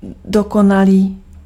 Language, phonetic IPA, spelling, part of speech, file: Czech, [ˈdokonaliː], dokonalý, adjective, Cs-dokonalý.ogg
- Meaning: perfect